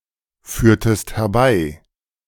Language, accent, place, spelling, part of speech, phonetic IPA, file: German, Germany, Berlin, führtest herbei, verb, [ˌfyːɐ̯təst hɛɐ̯ˈbaɪ̯], De-führtest herbei.ogg
- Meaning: inflection of herbeiführen: 1. second-person singular preterite 2. second-person singular subjunctive II